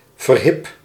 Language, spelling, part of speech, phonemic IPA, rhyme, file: Dutch, verhip, interjection, /vərˈɦɪp/, -ɪp, Nl-verhip.ogg
- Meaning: by Jove! gadzooks! (expression of surprise)